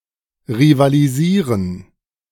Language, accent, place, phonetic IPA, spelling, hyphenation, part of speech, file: German, Germany, Berlin, [ʁivaːliˈziːʁən], rivalisieren, ri‧va‧li‧sie‧ren, verb, De-rivalisieren.ogg
- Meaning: to rival